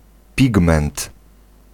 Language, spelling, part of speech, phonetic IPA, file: Polish, pigment, noun, [ˈpʲiɡmɛ̃nt], Pl-pigment.ogg